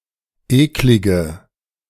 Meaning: inflection of eklig: 1. strong/mixed nominative/accusative feminine singular 2. strong nominative/accusative plural 3. weak nominative all-gender singular 4. weak accusative feminine/neuter singular
- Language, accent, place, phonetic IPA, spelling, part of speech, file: German, Germany, Berlin, [ˈeːklɪɡə], eklige, adjective, De-eklige.ogg